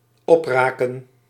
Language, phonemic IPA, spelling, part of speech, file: Dutch, /ˈɔprakə(n)/, opraken, verb, Nl-opraken.ogg
- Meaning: to run out